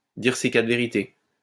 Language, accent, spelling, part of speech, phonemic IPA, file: French, France, dire ses quatre vérités, verb, /diʁ se ka.tʁə ve.ʁi.te/, LL-Q150 (fra)-dire ses quatre vérités.wav
- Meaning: to give someone a piece of one's mind; to tell (someone) some home truths, to say a few choice words to